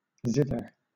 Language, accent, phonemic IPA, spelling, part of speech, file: English, Southern England, /ˈzɪ.ðə/, zither, noun / verb, LL-Q1860 (eng)-zither.wav
- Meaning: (noun) A musical instrument consisting of a flat sounding box with numerous strings placed on a horizontal surface, played with a plectrum or fingertips